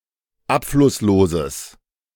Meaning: strong/mixed nominative/accusative neuter singular of abflusslos
- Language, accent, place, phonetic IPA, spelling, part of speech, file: German, Germany, Berlin, [ˈapflʊsˌloːzəs], abflussloses, adjective, De-abflussloses.ogg